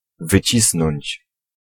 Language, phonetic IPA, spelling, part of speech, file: Polish, [vɨˈt͡ɕisnɔ̃ɲt͡ɕ], wycisnąć, verb, Pl-wycisnąć.ogg